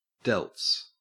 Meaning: The deltoid muscles
- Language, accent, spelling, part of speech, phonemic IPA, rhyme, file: English, Australia, delts, noun, /dɛlts/, -ɛlts, En-au-delts.ogg